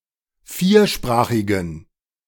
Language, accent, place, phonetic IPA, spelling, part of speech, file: German, Germany, Berlin, [ˈfiːɐ̯ˌʃpʁaːxɪɡŋ̩], viersprachigen, adjective, De-viersprachigen.ogg
- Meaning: inflection of viersprachig: 1. strong genitive masculine/neuter singular 2. weak/mixed genitive/dative all-gender singular 3. strong/weak/mixed accusative masculine singular 4. strong dative plural